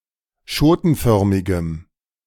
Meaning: strong dative masculine/neuter singular of schotenförmig
- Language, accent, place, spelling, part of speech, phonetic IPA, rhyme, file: German, Germany, Berlin, schotenförmigem, adjective, [ˈʃoːtn̩ˌfœʁmɪɡəm], -oːtn̩fœʁmɪɡəm, De-schotenförmigem.ogg